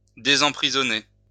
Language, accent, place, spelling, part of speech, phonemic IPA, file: French, France, Lyon, désemprisonner, verb, /de.zɑ̃.pʁi.zɔ.ne/, LL-Q150 (fra)-désemprisonner.wav
- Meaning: to free from prison